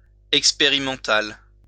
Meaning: experimental
- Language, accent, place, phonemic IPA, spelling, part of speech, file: French, France, Lyon, /ɛk.spe.ʁi.mɑ̃.tal/, expérimental, adjective, LL-Q150 (fra)-expérimental.wav